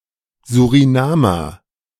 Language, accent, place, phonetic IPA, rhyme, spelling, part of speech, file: German, Germany, Berlin, [zuʁiˈnaːmɐ], -aːmɐ, Surinamer, noun, De-Surinamer.ogg
- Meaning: Surinamese/Surinamer